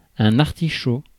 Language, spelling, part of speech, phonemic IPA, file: French, artichaut, noun, /aʁ.ti.ʃo/, Fr-artichaut.ogg
- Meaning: artichoke (plant, vegetable)